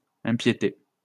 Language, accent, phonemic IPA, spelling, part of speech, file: French, France, /ɛ̃.pje.te/, impiété, noun, LL-Q150 (fra)-impiété.wav
- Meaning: impiety